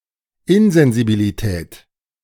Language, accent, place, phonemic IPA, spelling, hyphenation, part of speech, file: German, Germany, Berlin, /ˈɪnzɛnzibiliˌtɛːt/, Insensibilität, In‧sen‧si‧bi‧li‧tät, noun, De-Insensibilität.ogg
- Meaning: insensibility